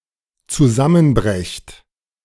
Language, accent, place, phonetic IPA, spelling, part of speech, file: German, Germany, Berlin, [t͡suˈzamənˌbʁɛçt], zusammenbrecht, verb, De-zusammenbrecht.ogg
- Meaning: second-person plural dependent present of zusammenbrechen